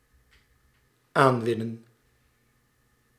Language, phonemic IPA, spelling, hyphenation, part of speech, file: Dutch, /ˈaːnʋɪnə(n)/, aanwinnen, aan‧win‧nen, verb, Nl-aanwinnen.ogg
- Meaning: 1. to acquire 2. to reclaim land (from sea)